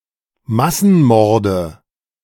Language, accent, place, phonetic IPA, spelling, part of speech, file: German, Germany, Berlin, [ˈmasn̩ˌmɔʁdə], Massenmorde, noun, De-Massenmorde.ogg
- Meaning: nominative/accusative/genitive plural of Massenmord